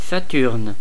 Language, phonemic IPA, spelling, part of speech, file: French, /sa.tyʁn/, Saturne, proper noun, Fr-Saturne.ogg
- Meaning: Saturn (planet)